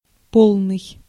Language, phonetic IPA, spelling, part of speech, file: Russian, [ˈpoɫnɨj], полный, adjective, Ru-полный.ogg
- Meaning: 1. full, complete 2. absolute, perfect 3. exhaustive 4. stout, chubby